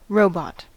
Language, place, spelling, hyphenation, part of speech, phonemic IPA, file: English, California, robot, ro‧bot, noun, /ˈɹoʊ.bɑt/, En-us-robot.ogg
- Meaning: A system of serfdom used in Central Europe, under which a tenant's rent was paid in forced labour